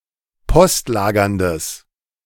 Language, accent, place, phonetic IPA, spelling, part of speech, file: German, Germany, Berlin, [ˈpɔstˌlaːɡɐndəs], postlagerndes, adjective, De-postlagerndes.ogg
- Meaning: strong/mixed nominative/accusative neuter singular of postlagernd